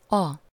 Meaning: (article) 1. the 2. this; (pronoun) that; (determiner) alternative form of az (“that”)
- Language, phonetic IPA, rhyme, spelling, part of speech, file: Hungarian, [ɒ], -ɒ, a, article / pronoun / determiner, Hu-a.ogg